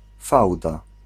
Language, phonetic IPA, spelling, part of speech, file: Polish, [ˈfawda], fałda, noun, Pl-fałda.ogg